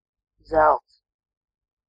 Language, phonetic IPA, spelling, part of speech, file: Latvian, [zæ̀lts], zelts, noun, Lv-zelts.ogg
- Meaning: 1. gold (chemical element) 2. golden (having the color of gold) 3. golden (very good, top quality, the best of its kind)